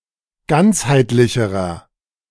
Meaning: inflection of ganzheitlich: 1. strong/mixed nominative masculine singular comparative degree 2. strong genitive/dative feminine singular comparative degree 3. strong genitive plural comparative degree
- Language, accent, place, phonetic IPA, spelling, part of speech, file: German, Germany, Berlin, [ˈɡant͡shaɪ̯tlɪçəʁɐ], ganzheitlicherer, adjective, De-ganzheitlicherer.ogg